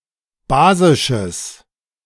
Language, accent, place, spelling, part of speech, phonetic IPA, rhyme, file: German, Germany, Berlin, basisches, adjective, [ˈbaːzɪʃəs], -aːzɪʃəs, De-basisches.ogg
- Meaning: strong/mixed nominative/accusative neuter singular of basisch